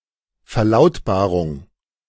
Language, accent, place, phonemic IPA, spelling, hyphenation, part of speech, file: German, Germany, Berlin, /fɛɐ̯ˈlaʊ̯tbaːʁʊŋ/, Verlautbarung, Ver‧laut‧ba‧rung, noun, De-Verlautbarung.ogg
- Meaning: announcement, statement